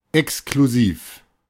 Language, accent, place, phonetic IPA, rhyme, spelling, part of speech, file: German, Germany, Berlin, [ɛkskluˈziːf], -iːf, exklusiv, adjective, De-exklusiv.ogg
- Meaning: exclusive (of high quality and/or renown)